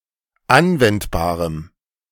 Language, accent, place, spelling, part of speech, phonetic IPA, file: German, Germany, Berlin, anwendbarem, adjective, [ˈanvɛntbaːʁəm], De-anwendbarem.ogg
- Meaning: strong dative masculine/neuter singular of anwendbar